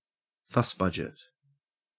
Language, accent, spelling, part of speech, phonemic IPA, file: English, Australia, fussbudget, noun, /ˈfʌsˌbʌd͡ʒɪt/, En-au-fussbudget.ogg
- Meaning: One who complains or fusses a great deal, especially about unimportant matters; a fusspot